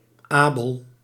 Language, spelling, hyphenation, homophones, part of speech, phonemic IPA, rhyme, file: Dutch, abel, abel, Abel, adjective, /ˈaː.bəl/, -aːbəl, Nl-abel.ogg
- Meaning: capable, able